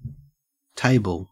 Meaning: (noun) Furniture with a top surface to accommodate a variety of uses.: An item of furniture with a flat top surface raised above the ground, usually on one or more legs
- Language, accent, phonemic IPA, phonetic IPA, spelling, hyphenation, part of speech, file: English, Australia, /ˈteɪbl̩/, [ˈtʰæɪbəɫ], table, ta‧ble, noun / verb, En-au-table.ogg